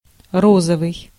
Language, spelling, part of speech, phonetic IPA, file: Russian, розовый, adjective, [ˈrozəvɨj], Ru-розовый.ogg
- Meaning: 1. pink 2. rosy 3. rose; rosaceous 4. lesbian, homosexual (related to female homosexuality) 5. magenta